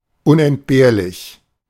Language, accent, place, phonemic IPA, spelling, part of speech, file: German, Germany, Berlin, /ˌʔʊnʔɛntˈbeːɐ̯lɪç/, unentbehrlich, adjective, De-unentbehrlich.ogg
- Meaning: indispensable, essential